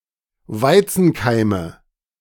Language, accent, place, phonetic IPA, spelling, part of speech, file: German, Germany, Berlin, [ˈvaɪ̯t͡sn̩ˌkaɪ̯mə], Weizenkeime, noun, De-Weizenkeime.ogg
- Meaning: nominative/accusative/genitive plural of Weizenkeim